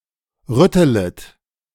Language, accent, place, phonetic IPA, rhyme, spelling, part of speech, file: German, Germany, Berlin, [ˈʁʏtələt], -ʏtələt, rüttelet, verb, De-rüttelet.ogg
- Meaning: second-person plural subjunctive I of rütteln